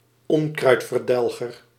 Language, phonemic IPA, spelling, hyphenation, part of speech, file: Dutch, /ˈɔŋ.krœy̯t.vərˌdɛl.ɣər/, onkruidverdelger, on‧kruid‧ver‧del‧ger, noun, Nl-onkruidverdelger.ogg
- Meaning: a herbicide (agent for destroying unwanted plantlife)